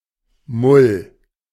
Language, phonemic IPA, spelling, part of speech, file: German, /mʊl/, Mull, noun, De-Mull.ogg
- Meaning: mould, loose earth